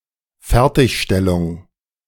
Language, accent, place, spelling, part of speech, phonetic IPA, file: German, Germany, Berlin, Fertigstellung, noun, [ˈfɛʁtɪçˌʃtɛlʊŋ], De-Fertigstellung.ogg
- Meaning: 1. completion, conclusion 2. finalization